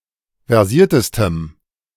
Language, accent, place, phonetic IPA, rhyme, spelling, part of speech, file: German, Germany, Berlin, [vɛʁˈziːɐ̯təstəm], -iːɐ̯təstəm, versiertestem, adjective, De-versiertestem.ogg
- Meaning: strong dative masculine/neuter singular superlative degree of versiert